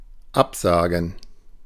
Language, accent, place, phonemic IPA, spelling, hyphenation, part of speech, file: German, Germany, Berlin, /ˈapzaːɡn̩/, absagen, ab‧sa‧gen, verb, De-absagen.ogg
- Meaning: 1. to cancel, to call off (an activity or event) 2. to decline